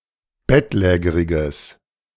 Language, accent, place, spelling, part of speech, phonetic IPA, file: German, Germany, Berlin, bettlägeriges, adjective, [ˈbɛtˌlɛːɡəʁɪɡəs], De-bettlägeriges.ogg
- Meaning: strong/mixed nominative/accusative neuter singular of bettlägerig